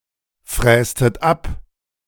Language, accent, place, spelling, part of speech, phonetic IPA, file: German, Germany, Berlin, frästet ab, verb, [ˌfʁɛːstət ˈap], De-frästet ab.ogg
- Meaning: inflection of abfräsen: 1. second-person plural preterite 2. second-person plural subjunctive II